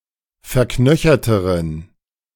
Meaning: inflection of verknöchert: 1. strong genitive masculine/neuter singular comparative degree 2. weak/mixed genitive/dative all-gender singular comparative degree
- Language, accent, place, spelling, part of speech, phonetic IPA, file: German, Germany, Berlin, verknöcherteren, adjective, [fɛɐ̯ˈknœçɐtəʁən], De-verknöcherteren.ogg